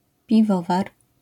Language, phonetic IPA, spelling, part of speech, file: Polish, [pʲiˈvɔvar], piwowar, noun, LL-Q809 (pol)-piwowar.wav